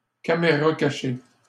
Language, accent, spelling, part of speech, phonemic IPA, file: French, Canada, caméra cachée, noun, /ka.me.ʁa ka.ʃe/, LL-Q150 (fra)-caméra cachée.wav
- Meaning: candid camera, hidden camera